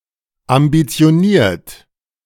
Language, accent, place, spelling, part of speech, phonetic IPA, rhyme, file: German, Germany, Berlin, ambitioniert, adjective, [ambit͡si̯oˈniːɐ̯t], -iːɐ̯t, De-ambitioniert.ogg
- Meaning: ambitious